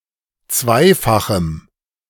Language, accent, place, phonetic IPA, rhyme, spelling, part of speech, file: German, Germany, Berlin, [ˈt͡svaɪ̯faxm̩], -aɪ̯faxm̩, zweifachem, adjective, De-zweifachem.ogg
- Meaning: strong dative masculine/neuter singular of zweifach